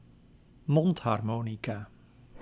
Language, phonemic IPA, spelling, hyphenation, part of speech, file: Dutch, /ˈmɔnthɑrˌmonika/, mondharmonica, mond‧har‧mo‧ni‧ca, noun, Nl-mondharmonica.ogg
- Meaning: harmonica